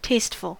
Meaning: 1. Having or exhibiting good taste; aesthetically pleasing or conforming to expectations or ideals of what is appropriate 2. Having a high relish; savoury 3. Gay; fashionable
- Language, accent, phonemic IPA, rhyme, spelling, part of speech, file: English, US, /ˈteɪstfəl/, -eɪstfəl, tasteful, adjective, En-us-tasteful.ogg